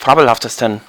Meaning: 1. superlative degree of fabelhaft 2. inflection of fabelhaft: strong genitive masculine/neuter singular superlative degree
- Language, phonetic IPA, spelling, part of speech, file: German, [ˈfaːbl̩haftəstn̩], fabelhaftesten, adjective, De-fabelhaftesten.ogg